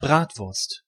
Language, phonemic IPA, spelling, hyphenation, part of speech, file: German, /ˈbʁaːtvʊʁst/, Bratwurst, Brat‧wurst, noun, De-Bratwurst.ogg
- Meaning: 1. a sausage which has been or is suited to be fried or grilled; a bratwurst 2. a smoked sausage, made of raw Brät, which is eaten cold or cooked in water